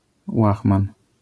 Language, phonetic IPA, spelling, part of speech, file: Polish, [ˈwaxmãn], łachman, noun, LL-Q809 (pol)-łachman.wav